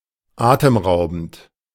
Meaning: breathtaking
- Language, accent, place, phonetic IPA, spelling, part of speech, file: German, Germany, Berlin, [ˈaːtəmˌʁaʊ̯bn̩t], atemraubend, adjective, De-atemraubend.ogg